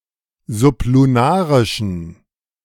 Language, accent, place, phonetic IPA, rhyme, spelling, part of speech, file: German, Germany, Berlin, [zʊpluˈnaːʁɪʃn̩], -aːʁɪʃn̩, sublunarischen, adjective, De-sublunarischen.ogg
- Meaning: inflection of sublunarisch: 1. strong genitive masculine/neuter singular 2. weak/mixed genitive/dative all-gender singular 3. strong/weak/mixed accusative masculine singular 4. strong dative plural